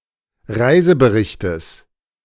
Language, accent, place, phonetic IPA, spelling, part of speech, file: German, Germany, Berlin, [ˈʁaɪ̯zəbəˌʁɪçtəs], Reiseberichtes, noun, De-Reiseberichtes.ogg
- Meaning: genitive of Reisebericht